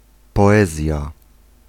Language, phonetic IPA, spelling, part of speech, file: Polish, [pɔˈɛzʲja], poezja, noun, Pl-poezja.ogg